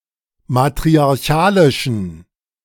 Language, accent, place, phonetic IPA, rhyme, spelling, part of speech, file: German, Germany, Berlin, [matʁiaʁˈçaːlɪʃn̩], -aːlɪʃn̩, matriarchalischen, adjective, De-matriarchalischen.ogg
- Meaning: inflection of matriarchalisch: 1. strong genitive masculine/neuter singular 2. weak/mixed genitive/dative all-gender singular 3. strong/weak/mixed accusative masculine singular 4. strong dative plural